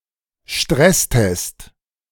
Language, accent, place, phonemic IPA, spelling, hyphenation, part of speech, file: German, Germany, Berlin, /ˈʃtʁɛsˌtɛst/, Stresstest, Stress‧test, noun, De-Stresstest.ogg
- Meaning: stress test